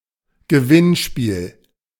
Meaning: contest, raffle, quiz, tombola, sweepstake, competition, lottery
- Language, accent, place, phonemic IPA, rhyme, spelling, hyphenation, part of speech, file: German, Germany, Berlin, /ɡəˈvɪnˌʃpiːl/, -iːl, Gewinnspiel, Ge‧winn‧spiel, noun, De-Gewinnspiel.ogg